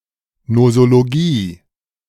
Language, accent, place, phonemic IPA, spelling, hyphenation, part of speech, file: German, Germany, Berlin, /nozoloˈɡiː/, Nosologie, No‧so‧lo‧gie, noun, De-Nosologie.ogg
- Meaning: nosology